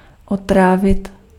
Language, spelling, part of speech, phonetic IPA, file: Czech, otrávit, verb, [ˈotraːvɪt], Cs-otrávit.ogg
- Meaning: 1. to poison 2. to disgust